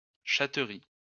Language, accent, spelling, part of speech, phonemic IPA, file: French, France, chatterie, noun, /ʃa.tʁi/, LL-Q150 (fra)-chatterie.wav
- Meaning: 1. titbit, morsel 2. playful caresses 3. cattery (place where cats board when their owners are on holiday)